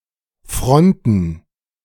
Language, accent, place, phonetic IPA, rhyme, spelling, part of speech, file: German, Germany, Berlin, [ˈfʁɔntn̩], -ɔntn̩, Fronten, noun, De-Fronten.ogg
- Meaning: plural of Front